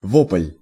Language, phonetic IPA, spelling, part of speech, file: Russian, [voplʲ], вопль, noun, Ru-вопль.ogg
- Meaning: cry, wail, howl, yell, scream (prolonged cry of distress or anguish)